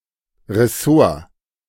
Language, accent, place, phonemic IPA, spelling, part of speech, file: German, Germany, Berlin, /ʁɛˈsoːɐ̯/, Ressort, noun, De-Ressort.ogg
- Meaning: department, area of operations